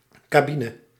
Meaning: 1. cabin (of an aircraft or ship) 2. cab (of a train)
- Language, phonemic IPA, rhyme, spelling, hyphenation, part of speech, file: Dutch, /ˌkaːˈbi.nə/, -inə, cabine, ca‧bi‧ne, noun, Nl-cabine.ogg